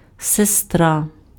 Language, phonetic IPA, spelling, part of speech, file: Ukrainian, [seˈstra], сестра, noun, Uk-сестра.ogg
- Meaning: 1. sister 2. nurse